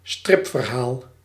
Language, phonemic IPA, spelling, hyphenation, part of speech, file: Dutch, /ˈstrɪp.vərˌɦaːl/, stripverhaal, strip‧ver‧haal, noun, Nl-stripverhaal.ogg
- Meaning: comic, comic strip